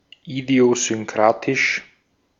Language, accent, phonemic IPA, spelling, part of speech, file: German, Austria, /idi̯ozʏnˈkʁaːtɪʃ/, idiosynkratisch, adjective, De-at-idiosynkratisch.ogg
- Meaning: idiosyncratic